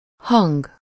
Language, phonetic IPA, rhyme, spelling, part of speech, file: Hungarian, [ˈhɒŋɡ], -ɒŋɡ, hang, noun, Hu-hang.ogg
- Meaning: 1. voice 2. sound